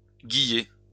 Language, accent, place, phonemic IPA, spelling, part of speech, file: French, France, Lyon, /ɡi.je/, guiller, verb, LL-Q150 (fra)-guiller.wav
- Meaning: to ferment, to cause the yeast to overflow from the barrel/keg